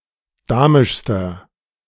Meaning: inflection of damisch: 1. strong/mixed nominative masculine singular superlative degree 2. strong genitive/dative feminine singular superlative degree 3. strong genitive plural superlative degree
- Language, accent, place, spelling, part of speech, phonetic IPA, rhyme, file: German, Germany, Berlin, damischster, adjective, [ˈdaːmɪʃstɐ], -aːmɪʃstɐ, De-damischster.ogg